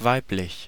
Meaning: 1. female 2. feminine 3. feminine, womanly
- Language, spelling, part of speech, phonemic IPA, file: German, weiblich, adjective, /ˈvaɪ̯plɪç/, De-weiblich.ogg